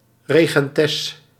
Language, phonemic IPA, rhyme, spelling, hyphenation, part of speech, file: Dutch, /ˌreː.ɣɛnˈtɛs/, -ɛs, regentes, re‧gen‧tes, noun, Nl-regentes.ogg
- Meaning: 1. regentess (female ruling in somebody else's stead) 2. female member of patrician and aristocratic circles